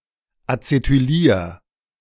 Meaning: 1. singular imperative of acetylieren 2. first-person singular present of acetylieren
- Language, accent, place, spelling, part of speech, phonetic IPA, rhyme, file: German, Germany, Berlin, acetylier, verb, [at͡setyˈliːɐ̯], -iːɐ̯, De-acetylier.ogg